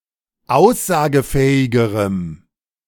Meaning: strong dative masculine/neuter singular comparative degree of aussagefähig
- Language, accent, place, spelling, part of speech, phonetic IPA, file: German, Germany, Berlin, aussagefähigerem, adjective, [ˈaʊ̯szaːɡəˌfɛːɪɡəʁəm], De-aussagefähigerem.ogg